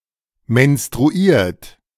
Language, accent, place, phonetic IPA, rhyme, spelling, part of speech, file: German, Germany, Berlin, [mɛnstʁuˈiːɐ̯t], -iːɐ̯t, menstruiert, verb, De-menstruiert.ogg
- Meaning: 1. past participle of menstruieren 2. inflection of menstruieren: third-person singular present 3. inflection of menstruieren: second-person plural present